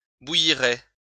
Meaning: first-person singular future of bouillir
- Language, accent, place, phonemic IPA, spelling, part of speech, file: French, France, Lyon, /bu.ji.ʁe/, bouillirai, verb, LL-Q150 (fra)-bouillirai.wav